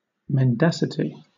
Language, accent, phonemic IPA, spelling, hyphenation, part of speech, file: English, Southern England, /mɛnˈdæsəti/, mendacity, men‧da‧ci‧ty, noun, LL-Q1860 (eng)-mendacity.wav
- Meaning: 1. The fact or condition of being untruthful; dishonesty 2. A deceit, falsehood, or lie